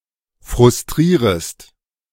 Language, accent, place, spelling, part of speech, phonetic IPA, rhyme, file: German, Germany, Berlin, frustrierest, verb, [fʁʊsˈtʁiːʁəst], -iːʁəst, De-frustrierest.ogg
- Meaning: second-person singular subjunctive I of frustrieren